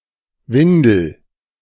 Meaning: diaper, nappy
- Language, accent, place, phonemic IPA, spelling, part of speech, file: German, Germany, Berlin, /ˈvɪndəl/, Windel, noun, De-Windel.ogg